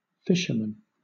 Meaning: A fisher, a person engaged in fishing: 1. Any person who attempts to catch fish 2. A person whose profession is catching fish
- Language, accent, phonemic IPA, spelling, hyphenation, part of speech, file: English, Southern England, /ˈfɪʃ.ə.mən/, fisherman, fish‧er‧man, noun, LL-Q1860 (eng)-fisherman.wav